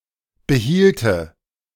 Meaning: first/third-person singular subjunctive II of behalten
- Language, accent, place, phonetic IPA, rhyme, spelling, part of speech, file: German, Germany, Berlin, [bəˈhiːltə], -iːltə, behielte, verb, De-behielte.ogg